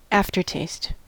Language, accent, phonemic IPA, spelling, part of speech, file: English, US, /ˈæftɚˌteɪst/, aftertaste, noun, En-us-aftertaste.ogg
- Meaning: 1. A taste of something that persists when it is no longer present 2. The persistence of the taste of something no longer present 3. finish